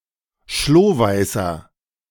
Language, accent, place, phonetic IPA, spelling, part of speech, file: German, Germany, Berlin, [ˈʃloːˌvaɪ̯sɐ], schlohweißer, adjective, De-schlohweißer.ogg
- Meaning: inflection of schlohweiß: 1. strong/mixed nominative masculine singular 2. strong genitive/dative feminine singular 3. strong genitive plural